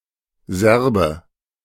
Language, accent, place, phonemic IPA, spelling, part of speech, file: German, Germany, Berlin, /ˈzɛɐ̯bə/, Serbe, noun, De-Serbe.ogg
- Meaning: A (male) person of Serb descent